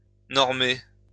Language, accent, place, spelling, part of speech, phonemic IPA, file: French, France, Lyon, normer, verb, /nɔʁ.me/, LL-Q150 (fra)-normer.wav
- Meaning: to normalize